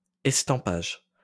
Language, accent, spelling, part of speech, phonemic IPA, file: French, France, estampage, noun, /ɛs.tɑ̃.paʒ/, LL-Q150 (fra)-estampage.wav
- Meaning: estampage